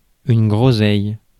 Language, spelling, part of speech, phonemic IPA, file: French, groseille, noun, /ɡʁo.zɛj/, Fr-groseille.ogg
- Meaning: 1. redcurrant 2. gooseberry